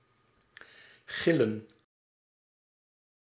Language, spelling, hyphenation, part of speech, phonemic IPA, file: Dutch, gillen, gil‧len, verb / noun, /ˈɣɪlə(n)/, Nl-gillen.ogg
- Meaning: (verb) to yell, scream; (noun) plural of gil